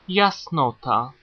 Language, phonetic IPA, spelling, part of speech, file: Polish, [jasˈnɔta], jasnota, noun, Pl-jasnota.ogg